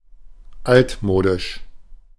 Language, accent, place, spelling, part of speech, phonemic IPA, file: German, Germany, Berlin, altmodisch, adjective, /ˈaltˌmoːdɪʃ/, De-altmodisch.ogg
- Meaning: 1. outdated, old-fashioned, antiquated, outmoded, old-timey 2. obsolete 3. vintage